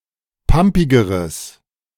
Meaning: strong/mixed nominative/accusative neuter singular comparative degree of pampig
- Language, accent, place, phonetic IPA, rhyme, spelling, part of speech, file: German, Germany, Berlin, [ˈpampɪɡəʁəs], -ampɪɡəʁəs, pampigeres, adjective, De-pampigeres.ogg